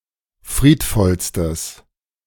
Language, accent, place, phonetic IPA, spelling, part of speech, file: German, Germany, Berlin, [ˈfʁiːtˌfɔlstəs], friedvollstes, adjective, De-friedvollstes.ogg
- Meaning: strong/mixed nominative/accusative neuter singular superlative degree of friedvoll